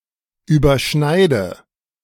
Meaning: inflection of überschneiden: 1. first-person singular present 2. first/third-person singular subjunctive I 3. singular imperative
- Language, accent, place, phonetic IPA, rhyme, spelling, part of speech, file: German, Germany, Berlin, [yːbɐˈʃnaɪ̯də], -aɪ̯də, überschneide, verb, De-überschneide.ogg